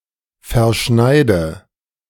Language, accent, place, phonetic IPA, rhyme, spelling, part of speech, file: German, Germany, Berlin, [fɛɐ̯ˈʃnaɪ̯də], -aɪ̯də, verschneide, verb, De-verschneide.ogg
- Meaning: inflection of verschneiden: 1. first-person singular present 2. first/third-person singular subjunctive I 3. singular imperative